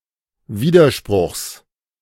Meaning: genitive singular of Widerspruch
- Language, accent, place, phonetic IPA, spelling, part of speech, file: German, Germany, Berlin, [ˈviːdɐˌʃpʁʊxs], Widerspruchs, noun, De-Widerspruchs.ogg